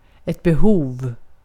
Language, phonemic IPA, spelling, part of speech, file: Swedish, /bɛˈhuːv/, behov, noun, Sv-behov.ogg
- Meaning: a need, a requirement